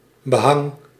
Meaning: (noun) wallpaper; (verb) inflection of behangen: 1. first-person singular present indicative 2. second-person singular present indicative 3. imperative
- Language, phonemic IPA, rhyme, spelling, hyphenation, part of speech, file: Dutch, /bəˈɦɑŋ/, -ɑŋ, behang, be‧hang, noun / verb, Nl-behang.ogg